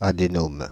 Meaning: (oncology) adenoma
- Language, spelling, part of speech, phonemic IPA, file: French, adénome, noun, /a.de.nom/, Fr-adénome.ogg